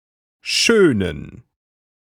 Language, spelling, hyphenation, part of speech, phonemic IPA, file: German, schönen, schö‧nen, adjective / verb, /ˈʃøːnən/, De-schönen.ogg
- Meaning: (adjective) inflection of schön: 1. strong genitive masculine/neuter singular 2. weak/mixed genitive/dative all-gender singular 3. strong/weak/mixed accusative masculine singular